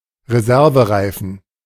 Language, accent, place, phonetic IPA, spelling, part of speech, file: German, Germany, Berlin, [ʁeˈzɛʁvəˌʁaɪ̯fn̩], Reservereifen, noun, De-Reservereifen.ogg
- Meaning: spare tire